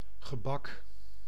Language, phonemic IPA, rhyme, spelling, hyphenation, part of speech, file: Dutch, /ɣəˈbɑk/, -ɑk, gebak, ge‧bak, noun, Nl-gebak.ogg
- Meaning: 1. sweet pastry, cake 2. pastry, whether sweet or savoury